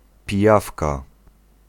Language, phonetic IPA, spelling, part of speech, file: Polish, [pʲiˈjafka], pijawka, noun, Pl-pijawka.ogg